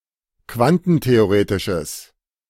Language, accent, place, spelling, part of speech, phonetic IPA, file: German, Germany, Berlin, quantentheoretisches, adjective, [ˈkvantn̩teoˌʁeːtɪʃəs], De-quantentheoretisches.ogg
- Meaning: strong/mixed nominative/accusative neuter singular of quantentheoretisch